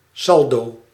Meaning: balance on an account
- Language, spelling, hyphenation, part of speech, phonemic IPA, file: Dutch, saldo, sal‧do, noun, /ˈsɑl.doː/, Nl-saldo.ogg